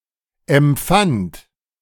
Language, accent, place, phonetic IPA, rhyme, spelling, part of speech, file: German, Germany, Berlin, [ɛmˈp͡fant], -ant, empfand, verb, De-empfand.ogg
- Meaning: first/third-person singular preterite of empfinden